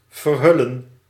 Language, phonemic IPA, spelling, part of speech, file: Dutch, /vərˈɦʏ.lə(n)/, verhullen, verb, Nl-verhullen.ogg
- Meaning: to conceal, to cover